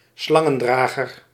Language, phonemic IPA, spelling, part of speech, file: Dutch, /ˈslɑŋə(n)ˌdraɣər/, Slangendrager, proper noun, Nl-Slangendrager.ogg
- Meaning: Ophiuchus